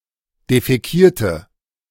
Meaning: inflection of defäkieren: 1. first/third-person singular preterite 2. first/third-person singular subjunctive II
- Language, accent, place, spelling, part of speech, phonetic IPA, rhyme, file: German, Germany, Berlin, defäkierte, adjective / verb, [defɛˈkiːɐ̯tə], -iːɐ̯tə, De-defäkierte.ogg